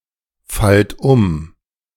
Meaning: inflection of umfallen: 1. second-person plural present 2. plural imperative
- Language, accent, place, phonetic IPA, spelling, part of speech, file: German, Germany, Berlin, [ˌfalt ˈʊm], fallt um, verb, De-fallt um.ogg